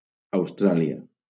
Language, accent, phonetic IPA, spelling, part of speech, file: Catalan, Valencia, [awsˈtɾa.li.a], Austràlia, proper noun, LL-Q7026 (cat)-Austràlia.wav
- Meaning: Australia (a country consisting of a main island, the island of Tasmania and other smaller islands, located in Oceania; historically, a collection of former colonies of the British Empire)